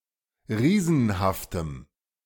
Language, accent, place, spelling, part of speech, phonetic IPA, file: German, Germany, Berlin, riesenhaftem, adjective, [ˈʁiːzn̩haftəm], De-riesenhaftem.ogg
- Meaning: strong dative masculine/neuter singular of riesenhaft